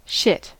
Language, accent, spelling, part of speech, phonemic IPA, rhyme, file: English, US, shit, noun / adjective / verb / interjection, /ʃɪt/, -ɪt, En-us-shit.ogg
- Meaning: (noun) 1. Usually solid excretory product evacuated from the bowels; feces 2. The act of shitting 3. Rubbish; worthless matter 4. Stuff, things 5. (the shit) The best of its kind